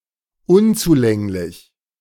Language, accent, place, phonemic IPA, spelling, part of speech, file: German, Germany, Berlin, /ˈʊnt͡suˌlɛŋlɪç/, unzulänglich, adjective, De-unzulänglich.ogg
- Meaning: 1. inadequate, insufficient 2. unreachable